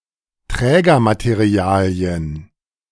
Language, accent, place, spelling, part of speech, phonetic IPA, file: German, Germany, Berlin, Trägermaterialien, noun, [ˈtʁɛːɡɐmateˌʁi̯aːli̯ən], De-Trägermaterialien.ogg
- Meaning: plural of Trägermaterial